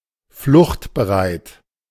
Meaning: ready to flee
- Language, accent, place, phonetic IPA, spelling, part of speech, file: German, Germany, Berlin, [ˈflʊxtbəˌʁaɪ̯t], fluchtbereit, adjective, De-fluchtbereit.ogg